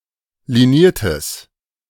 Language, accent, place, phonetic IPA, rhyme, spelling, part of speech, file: German, Germany, Berlin, [liˈniːɐ̯təs], -iːɐ̯təs, liniertes, adjective, De-liniertes.ogg
- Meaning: strong/mixed nominative/accusative neuter singular of liniert